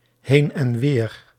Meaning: to and fro, back and forth
- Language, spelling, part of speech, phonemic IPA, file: Dutch, heen en weer, adverb, /ˈhen ənˈwer/, Nl-heen en weer.ogg